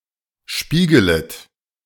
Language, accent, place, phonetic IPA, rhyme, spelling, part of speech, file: German, Germany, Berlin, [ˈʃpiːɡələt], -iːɡələt, spiegelet, verb, De-spiegelet.ogg
- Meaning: second-person plural subjunctive I of spiegeln